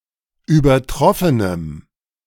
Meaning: strong dative masculine/neuter singular of übertroffen
- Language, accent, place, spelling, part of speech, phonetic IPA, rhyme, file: German, Germany, Berlin, übertroffenem, adjective, [yːbɐˈtʁɔfənəm], -ɔfənəm, De-übertroffenem.ogg